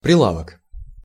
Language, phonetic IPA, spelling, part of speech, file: Russian, [prʲɪˈɫavək], прилавок, noun, Ru-прилавок.ogg
- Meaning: counter, desk, shopboard, stall, stand